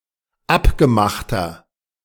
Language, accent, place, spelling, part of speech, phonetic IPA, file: German, Germany, Berlin, abgemachter, adjective, [ˈapɡəˌmaxtɐ], De-abgemachter.ogg
- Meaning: inflection of abgemacht: 1. strong/mixed nominative masculine singular 2. strong genitive/dative feminine singular 3. strong genitive plural